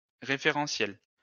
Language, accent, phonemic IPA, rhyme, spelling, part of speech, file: French, France, /ʁe.fe.ʁɑ̃.sjɛl/, -ɛl, référentiel, noun / adjective, LL-Q150 (fra)-référentiel.wav
- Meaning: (noun) 1. reference frame, frame of reference 2. repository; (adjective) referential